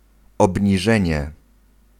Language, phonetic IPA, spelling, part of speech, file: Polish, [ˌɔbʲɲiˈʒɛ̃ɲɛ], obniżenie, noun, Pl-obniżenie.ogg